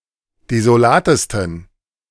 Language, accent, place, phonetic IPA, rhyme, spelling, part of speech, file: German, Germany, Berlin, [dezoˈlaːtəstn̩], -aːtəstn̩, desolatesten, adjective, De-desolatesten.ogg
- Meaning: 1. superlative degree of desolat 2. inflection of desolat: strong genitive masculine/neuter singular superlative degree